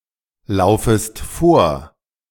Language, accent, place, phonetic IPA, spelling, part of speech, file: German, Germany, Berlin, [ˌlaʊ̯fəst ˈfoːɐ̯], laufest vor, verb, De-laufest vor.ogg
- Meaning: second-person singular subjunctive I of vorlaufen